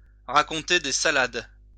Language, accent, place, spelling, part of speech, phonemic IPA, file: French, France, Lyon, raconter des salades, verb, /ʁa.kɔ̃.te de sa.lad/, LL-Q150 (fra)-raconter des salades.wav
- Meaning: to tell tales, to tell fibs, to spin a yarn, to talk nonsense